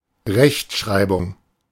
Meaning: orthography
- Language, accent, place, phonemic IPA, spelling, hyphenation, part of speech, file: German, Germany, Berlin, /ˈʁɛçtˌʃʁaɪ̯bʊŋ/, Rechtschreibung, Recht‧schrei‧bung, noun, De-Rechtschreibung.ogg